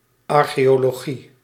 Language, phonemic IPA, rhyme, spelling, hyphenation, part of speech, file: Dutch, /ˌɑrxeːjoːloːˈɣi/, -i, archeologie, ar‧cheo‧lo‧gie, noun, Nl-archeologie.ogg
- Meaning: archaeology